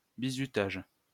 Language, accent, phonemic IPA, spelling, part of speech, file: French, France, /bi.zy.taʒ/, bizutage, noun, LL-Q150 (fra)-bizutage.wav
- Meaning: hazing, initiation ritual